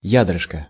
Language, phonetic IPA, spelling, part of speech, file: Russian, [ˈjadrɨʂkə], ядрышко, noun, Ru-ядрышко.ogg
- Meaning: 1. diminutive of ядро́ (jadró); a (small) seed, stone, cannonball, shot, nucleus, core, or kernel 2. nucleolus